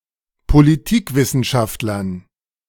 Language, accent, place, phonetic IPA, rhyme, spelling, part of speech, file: German, Germany, Berlin, [poliˈtiːkˌvɪsn̩ʃaftlɐn], -iːkvɪsn̩ʃaftlɐn, Politikwissenschaftlern, noun, De-Politikwissenschaftlern.ogg
- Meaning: dative plural of Politikwissenschaftler